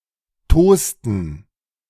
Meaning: inflection of tosen: 1. first/third-person plural preterite 2. first/third-person plural subjunctive II
- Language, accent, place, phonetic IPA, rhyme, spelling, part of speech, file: German, Germany, Berlin, [ˈtoːstn̩], -oːstn̩, tosten, verb, De-tosten.ogg